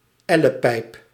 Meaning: 1. elbow bone, ulna (bone of the forearm) 2. any forearm bone
- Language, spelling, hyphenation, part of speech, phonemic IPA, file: Dutch, ellepijp, el‧le‧pijp, noun, /ˈɛ.ləˌpɛi̯p/, Nl-ellepijp.ogg